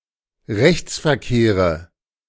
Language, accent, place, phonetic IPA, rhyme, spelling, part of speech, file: German, Germany, Berlin, [ˈʁɛçt͡sfɛɐ̯ˌkeːʁə], -ɛçt͡sfɛɐ̯keːʁə, Rechtsverkehre, noun, De-Rechtsverkehre.ogg
- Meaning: nominative/accusative/genitive plural of Rechtsverkehr